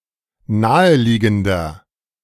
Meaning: inflection of naheliegend: 1. strong/mixed nominative masculine singular 2. strong genitive/dative feminine singular 3. strong genitive plural
- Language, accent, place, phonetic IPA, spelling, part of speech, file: German, Germany, Berlin, [ˈnaːəˌliːɡn̩dɐ], naheliegender, adjective, De-naheliegender.ogg